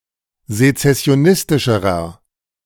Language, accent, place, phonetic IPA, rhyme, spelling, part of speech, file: German, Germany, Berlin, [zet͡sɛsi̯oˈnɪstɪʃəʁɐ], -ɪstɪʃəʁɐ, sezessionistischerer, adjective, De-sezessionistischerer.ogg
- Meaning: inflection of sezessionistisch: 1. strong/mixed nominative masculine singular comparative degree 2. strong genitive/dative feminine singular comparative degree